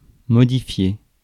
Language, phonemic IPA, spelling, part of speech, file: French, /mɔ.di.fje/, modifier, verb, Fr-modifier.ogg
- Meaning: to change, modify